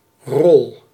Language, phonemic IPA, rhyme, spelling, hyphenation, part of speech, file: Dutch, /rɔl/, -ɔl, rol, rol, noun / verb, Nl-rol.ogg
- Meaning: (noun) 1. role, function (as in actions or tasks that a person or a group is expected to perform) 2. role, character 3. roll (cylindrical object, often used as a rolling part) 4. scroll